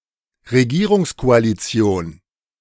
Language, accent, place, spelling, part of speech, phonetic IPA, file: German, Germany, Berlin, Regierungskoalition, noun, [ʁeˈɡiːʁʊŋskoaliˌt͡si̯oːn], De-Regierungskoalition.ogg
- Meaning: ruling coalition